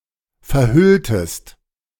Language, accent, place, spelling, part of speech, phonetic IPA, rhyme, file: German, Germany, Berlin, verhülltest, verb, [fɛɐ̯ˈhʏltəst], -ʏltəst, De-verhülltest.ogg
- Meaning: inflection of verhüllen: 1. second-person singular preterite 2. second-person singular subjunctive II